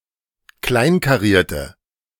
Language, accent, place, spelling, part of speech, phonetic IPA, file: German, Germany, Berlin, kleinkarierte, adjective, [ˈklaɪ̯nkaˌʁiːɐ̯tə], De-kleinkarierte.ogg
- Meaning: inflection of kleinkariert: 1. strong/mixed nominative/accusative feminine singular 2. strong nominative/accusative plural 3. weak nominative all-gender singular